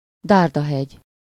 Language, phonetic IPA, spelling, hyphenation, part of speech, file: Hungarian, [ˈdaːrdɒɦɛɟ], dárdahegy, dár‧da‧hegy, noun, Hu-dárdahegy.ogg
- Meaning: spearhead